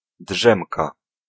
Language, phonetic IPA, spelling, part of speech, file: Polish, [ˈḍʒɛ̃mka], drzemka, noun, Pl-drzemka.ogg